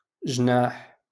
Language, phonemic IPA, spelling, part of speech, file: Moroccan Arabic, /ʒnaːħ/, جناح, noun, LL-Q56426 (ary)-جناح.wav
- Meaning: wing